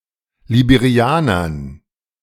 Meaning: dative plural of Liberianer
- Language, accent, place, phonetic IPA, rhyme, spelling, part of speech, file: German, Germany, Berlin, [libeˈʁi̯aːnɐn], -aːnɐn, Liberianern, noun, De-Liberianern.ogg